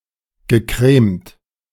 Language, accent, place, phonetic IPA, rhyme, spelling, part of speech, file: German, Germany, Berlin, [ɡəˈkʁeːmt], -eːmt, gecremt, verb, De-gecremt.ogg
- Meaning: past participle of cremen